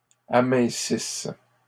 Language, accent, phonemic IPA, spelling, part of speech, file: French, Canada, /a.mɛ̃.sis/, amincisses, verb, LL-Q150 (fra)-amincisses.wav
- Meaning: second-person singular present/imperfect subjunctive of amincir